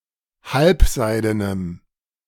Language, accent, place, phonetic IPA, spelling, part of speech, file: German, Germany, Berlin, [ˈhalpˌzaɪ̯dənəm], halbseidenem, adjective, De-halbseidenem.ogg
- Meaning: strong dative masculine/neuter singular of halbseiden